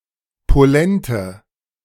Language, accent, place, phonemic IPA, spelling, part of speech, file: German, Germany, Berlin, /poˈlɛntə/, Polente, noun, De-Polente.ogg
- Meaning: police